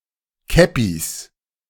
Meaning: plural of Käppi
- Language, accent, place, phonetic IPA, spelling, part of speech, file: German, Germany, Berlin, [ˈkɛpis], Käppis, noun, De-Käppis.ogg